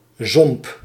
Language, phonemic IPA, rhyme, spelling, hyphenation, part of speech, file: Dutch, /zɔmp/, -ɔmp, zomp, zomp, noun, Nl-zomp.ogg
- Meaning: 1. swamp 2. trough